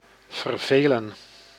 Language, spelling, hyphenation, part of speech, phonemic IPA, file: Dutch, vervelen, ver‧ve‧len, verb, /vərˈveː.lə(n)/, Nl-vervelen.ogg
- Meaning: 1. to annoy, to pester 2. to bore; inspire boredom in somebody 3. to be bored